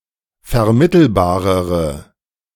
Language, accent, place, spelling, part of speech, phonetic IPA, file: German, Germany, Berlin, vermittelbarere, adjective, [fɛɐ̯ˈmɪtl̩baːʁəʁə], De-vermittelbarere.ogg
- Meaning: inflection of vermittelbar: 1. strong/mixed nominative/accusative feminine singular comparative degree 2. strong nominative/accusative plural comparative degree